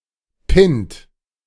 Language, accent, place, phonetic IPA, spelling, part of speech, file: German, Germany, Berlin, [pɪnt], Pint, noun, De-Pint.ogg
- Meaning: 1. male member 2. pint (unit of volume)